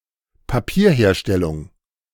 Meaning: papermaking
- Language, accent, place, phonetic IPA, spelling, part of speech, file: German, Germany, Berlin, [paˈpiːɐ̯ˌheːɐ̯ʃtɛlʊŋ], Papierherstellung, noun, De-Papierherstellung.ogg